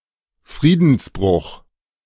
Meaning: breach of the peace
- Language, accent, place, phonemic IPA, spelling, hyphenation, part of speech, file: German, Germany, Berlin, /ˈfʁiːdn̩sˌbʁʊx/, Friedensbruch, Frie‧dens‧bruch, noun, De-Friedensbruch.ogg